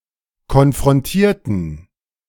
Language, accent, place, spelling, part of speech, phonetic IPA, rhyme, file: German, Germany, Berlin, konfrontierten, adjective / verb, [kɔnfʁɔnˈtiːɐ̯tn̩], -iːɐ̯tn̩, De-konfrontierten.ogg
- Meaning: inflection of konfrontieren: 1. first/third-person plural preterite 2. first/third-person plural subjunctive II